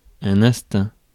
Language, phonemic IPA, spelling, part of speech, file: French, /ɛ̃s.tɛ̃/, instinct, noun, Fr-instinct.ogg
- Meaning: 1. instinct 2. gut feeling